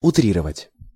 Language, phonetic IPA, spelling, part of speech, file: Russian, [ʊˈtrʲirəvətʲ], утрировать, verb, Ru-утрировать.ogg
- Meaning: to exaggerate